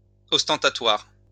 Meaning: ostentatious
- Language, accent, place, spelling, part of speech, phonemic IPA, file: French, France, Lyon, ostentatoire, adjective, /ɔs.tɑ̃.ta.twaʁ/, LL-Q150 (fra)-ostentatoire.wav